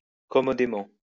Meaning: comfortably
- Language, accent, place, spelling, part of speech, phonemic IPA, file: French, France, Lyon, commodément, adverb, /kɔ.mɔ.de.mɑ̃/, LL-Q150 (fra)-commodément.wav